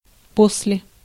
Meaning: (preposition) after (in time); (adverb) later, afterwards
- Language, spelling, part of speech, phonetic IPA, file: Russian, после, preposition / adverb, [ˈpos⁽ʲ⁾lʲe], Ru-после.ogg